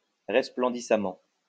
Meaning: sparklingly
- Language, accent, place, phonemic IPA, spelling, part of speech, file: French, France, Lyon, /ʁɛs.plɑ̃.di.sa.mɑ̃/, resplendissamment, adverb, LL-Q150 (fra)-resplendissamment.wav